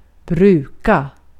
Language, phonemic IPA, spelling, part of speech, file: Swedish, /²brʉːka/, bruka, verb, Sv-bruka.ogg
- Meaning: 1. to use to (present tense of used to); to be in the habit of 2. to use (for some purpose) 3. to use (for some purpose): to cultivate, till, farm